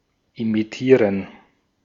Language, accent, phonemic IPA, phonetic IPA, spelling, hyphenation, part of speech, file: German, Austria, /imiˈtiːʁən/, [ʔimiˈtʰiːɐ̯n], imitieren, imi‧tie‧ren, verb, De-at-imitieren.ogg
- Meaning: to imitate